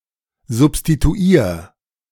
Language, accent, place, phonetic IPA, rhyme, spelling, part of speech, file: German, Germany, Berlin, [zʊpstituˈiːɐ̯], -iːɐ̯, substituier, verb, De-substituier.ogg
- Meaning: 1. singular imperative of substituieren 2. first-person singular present of substituieren